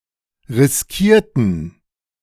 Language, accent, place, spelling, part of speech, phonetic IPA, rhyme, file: German, Germany, Berlin, riskierten, adjective / verb, [ʁɪsˈkiːɐ̯tn̩], -iːɐ̯tn̩, De-riskierten.ogg
- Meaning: inflection of riskieren: 1. first/third-person plural preterite 2. first/third-person plural subjunctive II